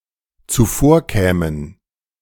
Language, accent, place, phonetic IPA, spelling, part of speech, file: German, Germany, Berlin, [t͡suˈfoːɐ̯ˌkɛːmən], zuvorkämen, verb, De-zuvorkämen.ogg
- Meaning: first/third-person plural dependent subjunctive II of zuvorkommen